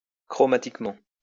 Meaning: chromatically
- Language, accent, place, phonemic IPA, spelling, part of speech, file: French, France, Lyon, /kʁɔ.ma.tik.mɑ̃/, chromatiquement, adverb, LL-Q150 (fra)-chromatiquement.wav